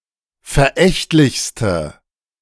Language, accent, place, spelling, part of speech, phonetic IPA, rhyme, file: German, Germany, Berlin, verächtlichste, adjective, [fɛɐ̯ˈʔɛçtlɪçstə], -ɛçtlɪçstə, De-verächtlichste.ogg
- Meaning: inflection of verächtlich: 1. strong/mixed nominative/accusative feminine singular superlative degree 2. strong nominative/accusative plural superlative degree